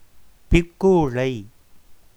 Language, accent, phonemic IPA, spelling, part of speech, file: Tamil, India, /pɪrkuːɻɐɪ̯/, பிற்கூழை, noun, Ta-பிற்கூழை.ogg
- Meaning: backyard (of a house)